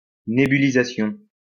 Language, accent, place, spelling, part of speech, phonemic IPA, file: French, France, Lyon, nébulisation, noun, /ne.by.li.za.sjɔ̃/, LL-Q150 (fra)-nébulisation.wav
- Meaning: nebulization